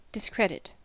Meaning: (verb) 1. To harm the good reputation of (a person) 2. To cause (an idea or piece of evidence) to seem false or unreliable; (noun) Discrediting or disbelieving
- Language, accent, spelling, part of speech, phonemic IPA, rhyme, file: English, US, discredit, verb / noun, /dɪsˈkɹɛd.ɪt/, -ɛdɪt, En-us-discredit.ogg